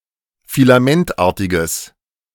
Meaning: strong/mixed nominative/accusative neuter singular of filamentartig
- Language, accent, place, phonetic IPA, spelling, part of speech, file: German, Germany, Berlin, [filaˈmɛntˌʔaːɐ̯tɪɡəs], filamentartiges, adjective, De-filamentartiges.ogg